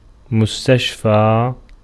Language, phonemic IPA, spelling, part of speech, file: Arabic, /mus.taʃ.fan/, مستشفى, noun, Ar-مستشفى.ogg
- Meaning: hospital